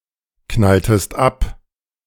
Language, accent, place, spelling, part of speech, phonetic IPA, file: German, Germany, Berlin, knalltest ab, verb, [ˌknaltəst ˈap], De-knalltest ab.ogg
- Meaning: inflection of abknallen: 1. second-person singular preterite 2. second-person singular subjunctive II